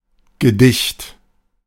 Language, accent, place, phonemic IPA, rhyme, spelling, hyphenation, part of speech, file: German, Germany, Berlin, /ɡəˈdɪçt/, -ɪçt, Gedicht, Ge‧dicht, noun, De-Gedicht.ogg
- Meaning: poem